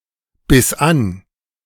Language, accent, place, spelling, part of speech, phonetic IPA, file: German, Germany, Berlin, biss an, verb, [ˌbɪs ˈʔan], De-biss an.ogg
- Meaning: first/third-person singular preterite of anbeißen